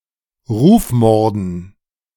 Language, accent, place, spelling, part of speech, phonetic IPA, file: German, Germany, Berlin, Rufmorden, noun, [ˈʁuːfˌmɔʁdn̩], De-Rufmorden.ogg
- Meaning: dative plural of Rufmord